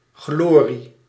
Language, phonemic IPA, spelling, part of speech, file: Dutch, /ˈɣlori/, glorie, noun, Nl-glorie.ogg
- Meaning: glory, great beauty, renown or splendour